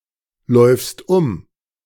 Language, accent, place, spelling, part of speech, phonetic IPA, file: German, Germany, Berlin, läufst um, verb, [ˌlɔɪ̯fst ˈʊm], De-läufst um.ogg
- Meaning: second-person singular present of umlaufen